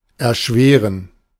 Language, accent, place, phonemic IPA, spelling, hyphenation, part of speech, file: German, Germany, Berlin, /ɛɐ̯ˈʃveːʁən/, erschweren, er‧schwe‧ren, verb, De-erschweren.ogg
- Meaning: to complicate, to make more difficult (due to the circumstances)